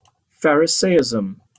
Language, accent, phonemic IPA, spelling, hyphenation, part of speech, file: English, Received Pronunciation, /ˈfaɹ.ɪˌseɪ.ɪz.(ə)m/, pharisaism, pha‧ri‧sa‧ism, noun, En-uk-pharisaism.opus
- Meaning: The doctrines and practices, or the character and spirit, of the Pharisees